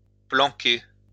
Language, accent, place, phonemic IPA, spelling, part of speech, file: French, France, Lyon, /plɑ̃.ke/, planquer, verb, LL-Q150 (fra)-planquer.wav
- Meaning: 1. to hide 2. to spy, to snoop